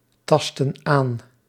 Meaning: inflection of aantasten: 1. plural present indicative 2. plural present subjunctive
- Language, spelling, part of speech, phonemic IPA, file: Dutch, tasten aan, verb, /ˈtɑstə(n) ˈan/, Nl-tasten aan.ogg